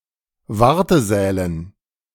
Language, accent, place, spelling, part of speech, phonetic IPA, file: German, Germany, Berlin, Wartesälen, noun, [ˈvaʁtəˌzɛːlən], De-Wartesälen.ogg
- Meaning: dative plural of Wartesaal